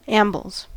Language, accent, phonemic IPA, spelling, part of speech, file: English, US, /ˈæm.bəlz/, ambles, noun / verb, En-us-ambles.ogg
- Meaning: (noun) plural of amble; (verb) third-person singular simple present indicative of amble